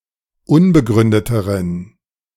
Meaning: inflection of unbegründet: 1. strong genitive masculine/neuter singular comparative degree 2. weak/mixed genitive/dative all-gender singular comparative degree
- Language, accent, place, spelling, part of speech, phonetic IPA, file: German, Germany, Berlin, unbegründeteren, adjective, [ˈʊnbəˌɡʁʏndətəʁən], De-unbegründeteren.ogg